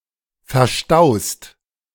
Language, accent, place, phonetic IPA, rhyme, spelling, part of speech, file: German, Germany, Berlin, [fɛɐ̯ˈʃtaʊ̯st], -aʊ̯st, verstaust, verb, De-verstaust.ogg
- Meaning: second-person singular present of verstauen